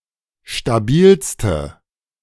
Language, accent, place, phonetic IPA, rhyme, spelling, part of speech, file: German, Germany, Berlin, [ʃtaˈbiːlstə], -iːlstə, stabilste, adjective, De-stabilste.ogg
- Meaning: inflection of stabil: 1. strong/mixed nominative/accusative feminine singular superlative degree 2. strong nominative/accusative plural superlative degree